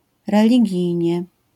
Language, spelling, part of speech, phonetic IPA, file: Polish, religijnie, adverb, [ˌrɛlʲiˈɟijɲɛ], LL-Q809 (pol)-religijnie.wav